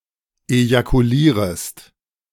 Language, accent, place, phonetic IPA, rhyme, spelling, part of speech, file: German, Germany, Berlin, [ejakuˈliːʁəst], -iːʁəst, ejakulierest, verb, De-ejakulierest.ogg
- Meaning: second-person singular subjunctive I of ejakulieren